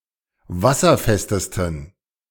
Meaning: 1. superlative degree of wasserfest 2. inflection of wasserfest: strong genitive masculine/neuter singular superlative degree
- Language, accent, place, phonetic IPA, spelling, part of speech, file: German, Germany, Berlin, [ˈvasɐˌfɛstəstn̩], wasserfestesten, adjective, De-wasserfestesten.ogg